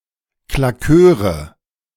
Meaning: nominative/accusative/genitive plural of Claqueur
- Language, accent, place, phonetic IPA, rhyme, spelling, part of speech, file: German, Germany, Berlin, [klaˈkøːʁə], -øːʁə, Claqueure, noun, De-Claqueure.ogg